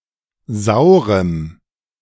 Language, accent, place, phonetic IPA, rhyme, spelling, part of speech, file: German, Germany, Berlin, [ˈzaʊ̯ʁəm], -aʊ̯ʁəm, saurem, adjective, De-saurem.ogg
- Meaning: strong dative masculine/neuter singular of sauer